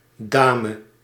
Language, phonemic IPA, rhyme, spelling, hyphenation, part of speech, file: Dutch, /ˈdaː.mə/, -aːmə, dame, da‧me, noun, Nl-dame.ogg
- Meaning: 1. lady: noblewoman 2. lady: Polite term or title of address for any (adult or adolescent) woman 3. queen